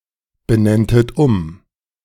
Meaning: second-person plural subjunctive II of umbenennen
- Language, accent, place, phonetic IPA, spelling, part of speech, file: German, Germany, Berlin, [bəˌnɛntət ˈʊm], benenntet um, verb, De-benenntet um.ogg